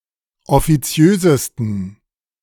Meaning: 1. superlative degree of offiziös 2. inflection of offiziös: strong genitive masculine/neuter singular superlative degree
- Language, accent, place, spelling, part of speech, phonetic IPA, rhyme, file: German, Germany, Berlin, offiziösesten, adjective, [ɔfiˈt͡si̯øːzəstn̩], -øːzəstn̩, De-offiziösesten.ogg